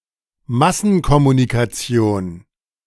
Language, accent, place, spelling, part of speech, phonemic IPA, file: German, Germany, Berlin, Massenkommunikation, noun, /ˈmasn̩kɔmunikaˌt͡si̯oːn/, De-Massenkommunikation.ogg
- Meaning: mass communication